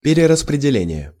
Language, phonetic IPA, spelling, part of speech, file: Russian, [pʲɪrʲɪrəsprʲɪdʲɪˈlʲenʲɪje], перераспределение, noun, Ru-перераспределение.ogg
- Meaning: redistribution, reallocation, rearrangement